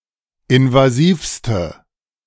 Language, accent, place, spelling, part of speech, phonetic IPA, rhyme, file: German, Germany, Berlin, invasivste, adjective, [ɪnvaˈziːfstə], -iːfstə, De-invasivste.ogg
- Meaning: inflection of invasiv: 1. strong/mixed nominative/accusative feminine singular superlative degree 2. strong nominative/accusative plural superlative degree